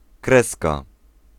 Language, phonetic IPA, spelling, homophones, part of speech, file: Polish, [ˈkrɛska], kreska, krezka, noun, Pl-kreska.ogg